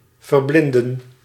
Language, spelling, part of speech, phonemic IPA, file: Dutch, verblinden, verb, /vərˈblɪndə(n)/, Nl-verblinden.ogg
- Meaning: 1. to blind 2. to dazzle, to spellbind